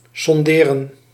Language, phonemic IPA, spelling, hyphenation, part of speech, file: Dutch, /ˌsɔnˈdeː.rə(n)/, sonderen, son‧de‧ren, verb, Nl-sonderen.ogg
- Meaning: 1. to probe, to measure or examine with a probe 2. to probe, to question or investigate